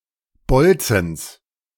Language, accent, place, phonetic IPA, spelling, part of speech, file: German, Germany, Berlin, [ˈbɔlt͡sn̩s], Bolzens, noun, De-Bolzens.ogg
- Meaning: genitive singular of Bolzen